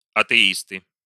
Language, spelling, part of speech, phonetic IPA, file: Russian, атеисты, noun, [ɐtɨˈistɨ], Ru-атеисты.ogg
- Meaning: nominative plural of атеи́ст (atɛíst)